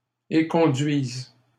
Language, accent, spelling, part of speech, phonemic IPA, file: French, Canada, éconduisent, verb, /e.kɔ̃.dɥiz/, LL-Q150 (fra)-éconduisent.wav
- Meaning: third-person plural present indicative/subjunctive of éconduire